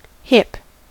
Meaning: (noun) 1. The outward-projecting parts of the pelvis and top of the femur and the overlying tissue 2. The inclined external angle formed by the intersection of two sloping roof planes
- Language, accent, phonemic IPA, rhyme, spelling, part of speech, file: English, US, /hɪp/, -ɪp, hip, noun / verb / adjective / interjection, En-us-hip.ogg